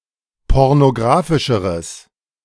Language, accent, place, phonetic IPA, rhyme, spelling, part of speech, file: German, Germany, Berlin, [ˌpɔʁnoˈɡʁaːfɪʃəʁəs], -aːfɪʃəʁəs, pornografischeres, adjective, De-pornografischeres.ogg
- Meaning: strong/mixed nominative/accusative neuter singular comparative degree of pornografisch